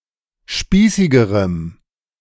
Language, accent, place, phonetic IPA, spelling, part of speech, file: German, Germany, Berlin, [ˈʃpiːsɪɡəʁəm], spießigerem, adjective, De-spießigerem.ogg
- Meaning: strong dative masculine/neuter singular comparative degree of spießig